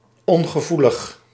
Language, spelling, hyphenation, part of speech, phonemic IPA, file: Dutch, ongevoelig, on‧ge‧voe‧lig, adjective, /ˌɔŋ.ɣəˈvu.ləx/, Nl-ongevoelig.ogg
- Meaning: insensitive, crass, callous